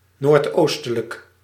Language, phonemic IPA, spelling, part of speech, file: Dutch, /nortˈostələk/, noordoostelijk, adjective, Nl-noordoostelijk.ogg
- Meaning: northeastern, northeasterly